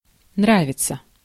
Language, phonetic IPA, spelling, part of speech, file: Russian, [ˈnravʲɪt͡sə], нравиться, verb, Ru-нравиться.ogg
- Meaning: to please [with dative ‘someone’] (idiomatically translated with English like with the dative object as the subject)